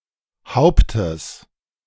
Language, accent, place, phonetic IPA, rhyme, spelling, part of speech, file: German, Germany, Berlin, [ˈhaʊ̯ptəs], -aʊ̯ptəs, Hauptes, noun, De-Hauptes.ogg
- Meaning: genitive singular of Haupt